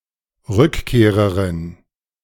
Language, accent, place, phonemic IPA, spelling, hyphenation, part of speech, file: German, Germany, Berlin, /ˈʁʏkˌkeːʁəʁɪn/, Rückkehrerin, Rück‧keh‧re‧rin, noun, De-Rückkehrerin.ogg
- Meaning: female returnee